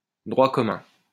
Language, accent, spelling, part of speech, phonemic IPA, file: French, France, droit commun, noun, /dʁwa kɔ.mœ̃/, LL-Q150 (fra)-droit commun.wav
- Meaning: common law